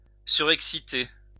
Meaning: to overexcite, to cause to become restless
- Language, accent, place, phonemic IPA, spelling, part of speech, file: French, France, Lyon, /sy.ʁɛk.si.te/, surexciter, verb, LL-Q150 (fra)-surexciter.wav